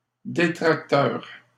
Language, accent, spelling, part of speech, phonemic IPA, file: French, Canada, détracteur, noun, /de.tʁak.tœʁ/, LL-Q150 (fra)-détracteur.wav
- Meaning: critic, detractor